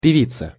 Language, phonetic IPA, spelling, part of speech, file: Russian, [pʲɪˈvʲit͡sə], певица, noun, Ru-певица.ogg
- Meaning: female equivalent of певе́ц (pevéc): female singer